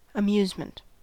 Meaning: 1. Entertainment 2. An activity that is entertaining or amusing, such as dancing, gunning, or fishing
- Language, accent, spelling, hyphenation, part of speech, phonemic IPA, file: English, US, amusement, a‧muse‧ment, noun, /əˈmjuzmənt/, En-us-amusement.ogg